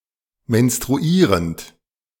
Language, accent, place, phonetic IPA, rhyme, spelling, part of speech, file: German, Germany, Berlin, [mɛnstʁuˈiːʁənt], -iːʁənt, menstruierend, verb, De-menstruierend.ogg
- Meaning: present participle of menstruieren